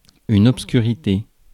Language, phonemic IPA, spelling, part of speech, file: French, /ɔp.sky.ʁi.te/, obscurité, noun, Fr-obscurité.ogg
- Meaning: 1. darkness; dark 2. obscurity; unknown